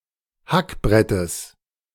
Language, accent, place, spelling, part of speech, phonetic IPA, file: German, Germany, Berlin, Hackbrettes, noun, [ˈhakˌbʁɛtəs], De-Hackbrettes.ogg
- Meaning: genitive singular of Hackbrett